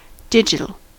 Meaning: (adjective) 1. Having to do with digits (fingers or toes); especially, performed with a finger 2. Property of representing values as discrete, often binary, numbers rather than a continuous spectrum
- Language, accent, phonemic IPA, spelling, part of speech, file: English, US, /ˈdɪd͡ʒɪtl̩/, digital, adjective / noun, En-us-digital.ogg